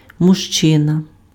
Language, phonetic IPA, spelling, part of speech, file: Ukrainian, [mʊʒˈt͡ʃɪnɐ], мужчина, noun, Uk-мужчина.ogg
- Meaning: man (male person)